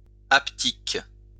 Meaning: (adjective) haptic; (noun) haptics
- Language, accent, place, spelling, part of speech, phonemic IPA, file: French, France, Lyon, haptique, adjective / noun, /ap.tik/, LL-Q150 (fra)-haptique.wav